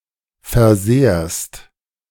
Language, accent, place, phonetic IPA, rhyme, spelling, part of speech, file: German, Germany, Berlin, [fɛɐ̯ˈzeːɐ̯st], -eːɐ̯st, versehrst, verb, De-versehrst.ogg
- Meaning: second-person singular present of versehren